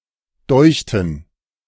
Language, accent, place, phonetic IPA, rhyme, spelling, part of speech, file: German, Germany, Berlin, [ˈdɔɪ̯çtn̩], -ɔɪ̯çtn̩, deuchten, verb, De-deuchten.ogg
- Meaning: first/third-person plural preterite of dünken